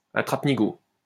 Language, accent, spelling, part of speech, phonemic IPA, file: French, France, attrape-nigaud, noun, /a.tʁap.ni.ɡo/, LL-Q150 (fra)-attrape-nigaud.wav
- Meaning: sucker trap